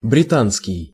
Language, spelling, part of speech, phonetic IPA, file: Russian, британский, adjective, [brʲɪˈtanskʲɪj], Ru-британский.ogg
- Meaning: British